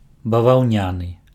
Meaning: 1. cotton (made of cotton) 2. cotton (related with the processing of cotton as a raw material)
- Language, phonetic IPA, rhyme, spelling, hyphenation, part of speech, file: Belarusian, [bavau̯ˈnʲanɨ], -anɨ, баваўняны, ба‧ваў‧ня‧ны, adjective, Be-баваўняны.ogg